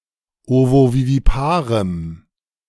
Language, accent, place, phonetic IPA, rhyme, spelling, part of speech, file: German, Germany, Berlin, [ˌovoviviˈpaːʁəm], -aːʁəm, ovoviviparem, adjective, De-ovoviviparem.ogg
- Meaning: strong dative masculine/neuter singular of ovovivipar